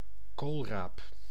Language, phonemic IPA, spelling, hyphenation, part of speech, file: Dutch, /ˈkoːl.raːp/, koolraap, kool‧raap, noun, Nl-koolraap.ogg
- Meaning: 1. a rutabaga (Brassica napus, notably the variety Brassica napus var. napobrassica) 2. a swede, the edible part (yellow root) of the above